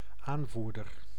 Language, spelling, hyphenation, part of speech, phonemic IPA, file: Dutch, aanvoerder, aan‧voer‧der, noun, /ˈaːnˌvur.dər/, Nl-aanvoerder.ogg
- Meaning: 1. leader 2. captain